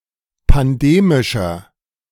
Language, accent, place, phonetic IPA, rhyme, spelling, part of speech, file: German, Germany, Berlin, [panˈdeːmɪʃɐ], -eːmɪʃɐ, pandemischer, adjective, De-pandemischer.ogg
- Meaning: inflection of pandemisch: 1. strong/mixed nominative masculine singular 2. strong genitive/dative feminine singular 3. strong genitive plural